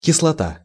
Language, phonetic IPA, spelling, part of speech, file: Russian, [kʲɪsɫɐˈta], кислота, noun, Ru-кислота.ogg
- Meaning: 1. acid 2. LSD